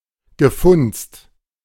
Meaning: past participle of funzen
- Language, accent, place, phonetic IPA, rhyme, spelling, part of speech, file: German, Germany, Berlin, [ɡəˈfʊnt͡st], -ʊnt͡st, gefunzt, verb, De-gefunzt.ogg